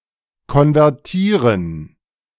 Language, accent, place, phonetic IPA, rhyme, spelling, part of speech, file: German, Germany, Berlin, [kɔnvɛʁˈtiːʁən], -iːʁən, konvertieren, verb, De-konvertieren.ogg
- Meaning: 1. to convert (in economic and technological contexts) 2. to convert